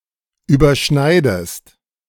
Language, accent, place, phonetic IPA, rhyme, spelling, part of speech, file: German, Germany, Berlin, [yːbɐˈʃnaɪ̯dəst], -aɪ̯dəst, überschneidest, verb, De-überschneidest.ogg
- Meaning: inflection of überschneiden: 1. second-person singular present 2. second-person singular subjunctive I